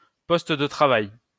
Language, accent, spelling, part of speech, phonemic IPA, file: French, France, poste de travail, noun, /pɔs.t(ə) də tʁa.vaj/, LL-Q150 (fra)-poste de travail.wav
- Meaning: 1. workstation (area for a single worker) 2. workstation (type of computer)